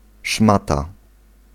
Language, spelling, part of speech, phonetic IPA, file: Polish, szmata, noun, [ˈʃmata], Pl-szmata.ogg